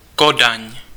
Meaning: Copenhagen (the capital city of Denmark)
- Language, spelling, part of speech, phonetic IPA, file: Czech, Kodaň, proper noun, [ˈkodaɲ], Cs-Kodaň.ogg